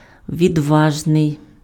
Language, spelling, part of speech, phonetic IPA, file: Ukrainian, відважний, adjective, [ʋʲidˈʋaʒnei̯], Uk-відважний.ogg
- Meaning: brave, courageous, bold, daring